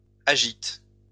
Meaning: second-person singular present indicative/subjunctive of agiter
- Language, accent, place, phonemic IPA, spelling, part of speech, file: French, France, Lyon, /a.ʒit/, agites, verb, LL-Q150 (fra)-agites.wav